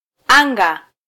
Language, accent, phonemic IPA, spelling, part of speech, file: Swahili, Kenya, /ˈɑ.ᵑɡɑ/, anga, noun / verb, Sw-ke-anga.flac
- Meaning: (noun) sky (atmosphere above a point); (verb) 1. to fly (to lift into the air) 2. to count (to enumerate)